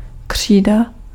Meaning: 1. chalk (for writing) 2. Cretaceous
- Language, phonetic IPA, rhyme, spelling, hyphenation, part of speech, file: Czech, [ˈkr̝̊iːda], -iːda, křída, kří‧da, noun, Cs-křída.ogg